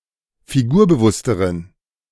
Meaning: inflection of figurbewusst: 1. strong genitive masculine/neuter singular comparative degree 2. weak/mixed genitive/dative all-gender singular comparative degree
- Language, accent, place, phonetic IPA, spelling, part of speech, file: German, Germany, Berlin, [fiˈɡuːɐ̯bəˌvʊstəʁən], figurbewussteren, adjective, De-figurbewussteren.ogg